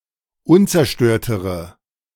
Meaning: inflection of unzerstört: 1. strong/mixed nominative/accusative feminine singular comparative degree 2. strong nominative/accusative plural comparative degree
- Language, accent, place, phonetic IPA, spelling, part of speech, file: German, Germany, Berlin, [ˈʊnt͡sɛɐ̯ˌʃtøːɐ̯təʁə], unzerstörtere, adjective, De-unzerstörtere.ogg